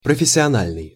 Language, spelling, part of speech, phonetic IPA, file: Russian, профессиональный, adjective, [prəfʲɪsʲɪɐˈnalʲnɨj], Ru-профессиональный.ogg
- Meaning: professional